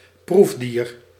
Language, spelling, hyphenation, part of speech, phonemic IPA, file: Dutch, proefdier, proef‧dier, noun, /ˈpruf.diːr/, Nl-proefdier.ogg
- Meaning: laboratory animal (animal subject to animal testing)